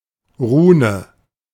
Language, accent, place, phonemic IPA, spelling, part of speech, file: German, Germany, Berlin, /ˈʁuːnə/, Rune, noun, De-Rune.ogg
- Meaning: rune (letter, or character, belonging to the written language of various ancient Germanic peoples)